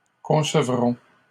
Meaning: first-person plural future of concevoir
- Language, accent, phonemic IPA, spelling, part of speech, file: French, Canada, /kɔ̃.sə.vʁɔ̃/, concevrons, verb, LL-Q150 (fra)-concevrons.wav